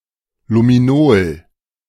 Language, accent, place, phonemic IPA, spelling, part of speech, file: German, Germany, Berlin, /lumiˈnoːl/, Luminol, noun, De-Luminol.ogg
- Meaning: luminol (a chemical that exhibits blue chemiluminescence)